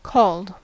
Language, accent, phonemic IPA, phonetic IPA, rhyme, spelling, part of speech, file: English, US, /kɔld/, [kʰɔɫd], -ɔːld, called, verb / adjective, En-us-called.ogg
- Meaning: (verb) simple past and past participle of call; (adjective) Having been called